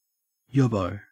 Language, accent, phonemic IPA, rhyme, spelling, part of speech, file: English, Australia, /ˈjɒbəʊ/, -ɒbəʊ, yobbo, noun, En-au-yobbo.ogg
- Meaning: A yob